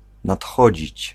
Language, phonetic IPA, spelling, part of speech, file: Polish, [natˈxɔd͡ʑit͡ɕ], nadchodzić, verb, Pl-nadchodzić.ogg